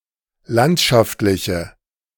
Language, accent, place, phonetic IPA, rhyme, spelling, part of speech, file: German, Germany, Berlin, [ˈlantʃaftlɪçə], -antʃaftlɪçə, landschaftliche, adjective, De-landschaftliche.ogg
- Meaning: inflection of landschaftlich: 1. strong/mixed nominative/accusative feminine singular 2. strong nominative/accusative plural 3. weak nominative all-gender singular